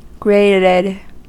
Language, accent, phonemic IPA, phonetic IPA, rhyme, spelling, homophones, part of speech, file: English, US, /ˈɡɹeɪtɪd/, [ˈɡɹeɪ̯ɾɪd], -eɪtɪd, grated, graded, adjective / verb, En-us-grated.ogg
- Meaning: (adjective) 1. Produced by grating 2. Furnished with a grate or grating; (verb) simple past and past participle of grate